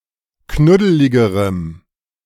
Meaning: strong dative masculine/neuter singular comparative degree of knuddelig
- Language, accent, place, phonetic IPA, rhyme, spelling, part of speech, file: German, Germany, Berlin, [ˈknʊdəlɪɡəʁəm], -ʊdəlɪɡəʁəm, knuddeligerem, adjective, De-knuddeligerem.ogg